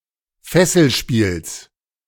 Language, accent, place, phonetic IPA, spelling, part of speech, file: German, Germany, Berlin, [ˈfɛsl̩ˌʃpiːls], Fesselspiels, noun, De-Fesselspiels.ogg
- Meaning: genitive singular of Fesselspiel